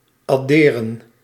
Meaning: plural of adder
- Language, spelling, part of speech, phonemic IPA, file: Dutch, adderen, verb / noun, /ɑˈderə(n)/, Nl-adderen.ogg